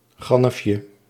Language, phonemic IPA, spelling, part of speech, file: Dutch, /ˈɣɑnəfjə/, gannefje, noun, Nl-gannefje.ogg
- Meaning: diminutive of gannef